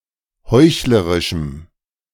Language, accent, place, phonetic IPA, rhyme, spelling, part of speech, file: German, Germany, Berlin, [ˈhɔɪ̯çləʁɪʃm̩], -ɔɪ̯çləʁɪʃm̩, heuchlerischem, adjective, De-heuchlerischem.ogg
- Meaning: strong dative masculine/neuter singular of heuchlerisch